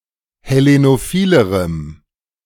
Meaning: strong dative masculine/neuter singular comparative degree of hellenophil
- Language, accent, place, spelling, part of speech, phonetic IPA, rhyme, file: German, Germany, Berlin, hellenophilerem, adjective, [hɛˌlenoˈfiːləʁəm], -iːləʁəm, De-hellenophilerem.ogg